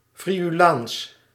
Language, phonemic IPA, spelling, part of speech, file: Dutch, /fri.yˈlaːns/, Friulaans, proper noun, Nl-Friulaans.ogg
- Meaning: Friulian (language spoken in Friuli)